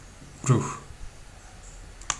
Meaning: soul, spirit
- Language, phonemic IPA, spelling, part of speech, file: Turkish, /ɾuh/, ruh, noun, Tr tr ruh.ogg